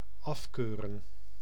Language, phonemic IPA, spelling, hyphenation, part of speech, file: Dutch, /ˈɑfkøːrə(n)/, afkeuren, af‧keu‧ren, verb, Nl-afkeuren.ogg
- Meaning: 1. to disapprove of 2. to condemn 3. to fail (at an inspection) 4. to refuse, reject, declare unfit (for military service)